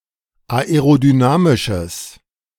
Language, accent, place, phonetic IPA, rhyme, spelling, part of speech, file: German, Germany, Berlin, [aeʁodyˈnaːmɪʃəs], -aːmɪʃəs, aerodynamisches, adjective, De-aerodynamisches.ogg
- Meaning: strong/mixed nominative/accusative neuter singular of aerodynamisch